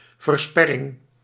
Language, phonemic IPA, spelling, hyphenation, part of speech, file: Dutch, /vərˈspɛ.rɪŋ/, versperring, ver‧sper‧ring, noun, Nl-versperring.ogg
- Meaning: 1. the action of blocking 2. an object used to block, a barricade